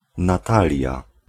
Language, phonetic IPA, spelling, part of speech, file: Polish, [naˈtalʲja], Natalia, proper noun, Pl-Natalia.ogg